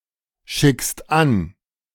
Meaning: second-person singular present of anschicken
- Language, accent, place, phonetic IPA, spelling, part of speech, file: German, Germany, Berlin, [ˌʃɪkst ˈan], schickst an, verb, De-schickst an.ogg